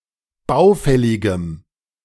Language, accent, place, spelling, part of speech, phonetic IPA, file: German, Germany, Berlin, baufälligem, adjective, [ˈbaʊ̯ˌfɛlɪɡəm], De-baufälligem.ogg
- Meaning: strong dative masculine/neuter singular of baufällig